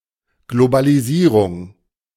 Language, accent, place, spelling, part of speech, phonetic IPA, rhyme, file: German, Germany, Berlin, Globalisierung, noun, [ˌɡlobaliˈziːʁʊŋ], -iːʁʊŋ, De-Globalisierung.ogg
- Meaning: globalisation